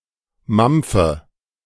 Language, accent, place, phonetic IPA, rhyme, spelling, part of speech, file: German, Germany, Berlin, [ˈmamp͡fə], -amp͡fə, mampfe, verb, De-mampfe.ogg
- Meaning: inflection of mampfen: 1. first-person singular present 2. first/third-person singular subjunctive I 3. singular imperative